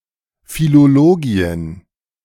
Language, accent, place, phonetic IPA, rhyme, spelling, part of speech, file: German, Germany, Berlin, [ˌfiloloˈɡiːən], -iːən, Philologien, noun, De-Philologien.ogg
- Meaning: plural of Philologie